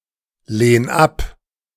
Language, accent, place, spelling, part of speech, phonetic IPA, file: German, Germany, Berlin, lehn ab, verb, [ˌleːn ˈap], De-lehn ab.ogg
- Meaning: 1. singular imperative of ablehnen 2. first-person singular present of ablehnen